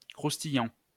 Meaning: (adjective) 1. crispy, crunchy 2. suggestive, bawdy, filthy, saucy; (verb) present participle of croustiller
- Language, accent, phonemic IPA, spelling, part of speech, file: French, France, /kʁus.ti.jɑ̃/, croustillant, adjective / verb, LL-Q150 (fra)-croustillant.wav